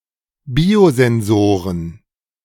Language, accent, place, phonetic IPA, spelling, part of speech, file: German, Germany, Berlin, [ˈbiːozɛnˌzoːʁən], Biosensoren, noun, De-Biosensoren.ogg
- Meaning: plural of Biosensor